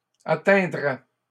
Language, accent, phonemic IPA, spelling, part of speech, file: French, Canada, /a.tɛ̃.dʁɛ/, atteindrait, verb, LL-Q150 (fra)-atteindrait.wav
- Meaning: third-person singular conditional of atteindre